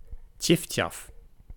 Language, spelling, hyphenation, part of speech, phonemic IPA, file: Dutch, tjiftjaf, tjif‧tjaf, noun, /ˈtjɪftjɑf/, Nl-tjiftjaf.ogg
- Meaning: chiffchaff (Phylloscopus collybita)